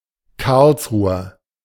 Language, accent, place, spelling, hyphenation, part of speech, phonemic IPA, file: German, Germany, Berlin, Karlsruher, Karls‧ru‧her, noun, /ˈkaʁlsˌʁuːɐ/, De-Karlsruher.ogg
- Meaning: Native or inhabitant of Karlsruhe